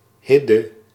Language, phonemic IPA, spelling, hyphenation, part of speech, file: Dutch, /ˈɦɪ.də/, Hidde, Hid‧de, proper noun, Nl-Hidde.ogg
- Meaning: a male given name